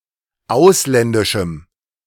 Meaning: strong dative masculine/neuter singular of ausländisch
- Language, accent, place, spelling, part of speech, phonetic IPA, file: German, Germany, Berlin, ausländischem, adjective, [ˈaʊ̯slɛndɪʃm̩], De-ausländischem.ogg